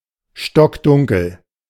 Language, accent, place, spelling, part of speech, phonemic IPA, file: German, Germany, Berlin, stockdunkel, adjective, /ʃtɔkˈdʊŋkl̩/, De-stockdunkel.ogg
- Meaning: pitch-dark